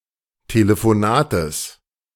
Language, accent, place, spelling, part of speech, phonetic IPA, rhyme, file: German, Germany, Berlin, Telefonates, noun, [teləfoˈnaːtəs], -aːtəs, De-Telefonates.ogg
- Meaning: genitive of Telefonat